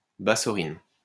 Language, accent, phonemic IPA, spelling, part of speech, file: French, France, /ba.sɔ.ʁin/, bassorine, noun, LL-Q150 (fra)-bassorine.wav
- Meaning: bassorin